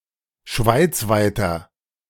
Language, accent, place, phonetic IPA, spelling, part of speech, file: German, Germany, Berlin, [ˈʃvaɪ̯t͡svaɪ̯tɐ], schweizweiter, adjective, De-schweizweiter.ogg
- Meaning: inflection of schweizweit: 1. strong/mixed nominative masculine singular 2. strong genitive/dative feminine singular 3. strong genitive plural